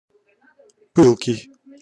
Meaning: 1. ardent, fervent, fiery, impassioned, fervid 2. torrid 3. perfervid 4. passionate 5. spunky 6. mettlesome 7. impetuous 8. ablaze, glowing 9. flaming 10. vivid 11. hot
- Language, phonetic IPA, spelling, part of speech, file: Russian, [ˈpɨɫkʲɪj], пылкий, adjective, Ru-пылкий.ogg